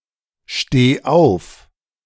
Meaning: singular imperative of aufstehen
- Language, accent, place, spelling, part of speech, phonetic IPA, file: German, Germany, Berlin, steh auf, verb, [ˌʃteː ˈaʊ̯f], De-steh auf.ogg